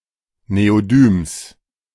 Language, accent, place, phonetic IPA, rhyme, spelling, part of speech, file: German, Germany, Berlin, [neoˈdyːms], -yːms, Neodyms, noun, De-Neodyms.ogg
- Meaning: genitive singular of Neodym